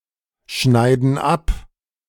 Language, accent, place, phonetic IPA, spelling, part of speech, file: German, Germany, Berlin, [ˌʃnaɪ̯dn̩ ˈap], schneiden ab, verb, De-schneiden ab.ogg
- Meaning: inflection of abschneiden: 1. first/third-person plural present 2. first/third-person plural subjunctive I